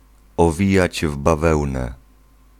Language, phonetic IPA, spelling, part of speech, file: Polish, [ɔˈvʲijäd͡ʑ v‿baˈvɛwnɛ], owijać w bawełnę, phrase, Pl-owijać w bawełnę.ogg